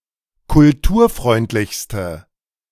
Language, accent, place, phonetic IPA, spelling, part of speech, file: German, Germany, Berlin, [kʊlˈtuːɐ̯ˌfʁɔɪ̯ntlɪçstə], kulturfreundlichste, adjective, De-kulturfreundlichste.ogg
- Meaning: inflection of kulturfreundlich: 1. strong/mixed nominative/accusative feminine singular superlative degree 2. strong nominative/accusative plural superlative degree